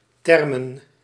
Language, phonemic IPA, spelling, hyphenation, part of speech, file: Dutch, /ˈtɛr.mə(n)/, thermen, ther‧men, noun, Nl-thermen.ogg
- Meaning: thermae; a Roman bathhouse, in particular the warm and hot baths of a Roman bathhouse